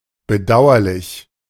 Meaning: regrettable
- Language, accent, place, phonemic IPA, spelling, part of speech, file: German, Germany, Berlin, /bəˈdaʊ̯ɐlɪç/, bedauerlich, adjective, De-bedauerlich.ogg